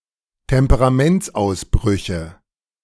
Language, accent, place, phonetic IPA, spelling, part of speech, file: German, Germany, Berlin, [tɛmpəʁaˈmɛnt͡sʔaʊ̯sˌbʁʏçə], Temperamentsausbrüche, noun, De-Temperamentsausbrüche.ogg
- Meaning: nominative/accusative/genitive plural of Temperamentsausbruch